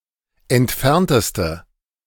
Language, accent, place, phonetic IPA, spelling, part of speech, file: German, Germany, Berlin, [ɛntˈfɛʁntəstə], entfernteste, adjective, De-entfernteste.ogg
- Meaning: inflection of entfernt: 1. strong/mixed nominative/accusative feminine singular superlative degree 2. strong nominative/accusative plural superlative degree